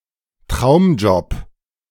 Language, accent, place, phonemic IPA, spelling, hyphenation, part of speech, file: German, Germany, Berlin, /ˈtʁaʊ̯mˌd͡ʒɔp/, Traumjob, Traum‧job, noun, De-Traumjob.ogg
- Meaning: dream job